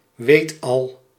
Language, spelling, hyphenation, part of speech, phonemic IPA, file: Dutch, weetal, weet‧al, noun, /ˈʋeːt.ɑl/, Nl-weetal.ogg
- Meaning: a know-all, a know-it-all